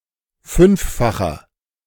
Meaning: inflection of fünffach: 1. strong/mixed nominative masculine singular 2. strong genitive/dative feminine singular 3. strong genitive plural
- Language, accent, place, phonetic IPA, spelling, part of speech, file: German, Germany, Berlin, [ˈfʏnfˌfaxɐ], fünffacher, adjective, De-fünffacher.ogg